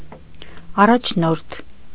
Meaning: leader, chief
- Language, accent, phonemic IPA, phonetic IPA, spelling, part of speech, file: Armenian, Eastern Armenian, /ɑrɑt͡ʃʰˈnoɾtʰ/, [ɑrɑt͡ʃʰnóɾtʰ], առաջնորդ, noun, Hy-առաջնորդ.ogg